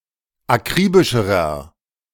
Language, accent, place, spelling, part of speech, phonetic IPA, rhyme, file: German, Germany, Berlin, akribischerer, adjective, [aˈkʁiːbɪʃəʁɐ], -iːbɪʃəʁɐ, De-akribischerer.ogg
- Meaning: inflection of akribisch: 1. strong/mixed nominative masculine singular comparative degree 2. strong genitive/dative feminine singular comparative degree 3. strong genitive plural comparative degree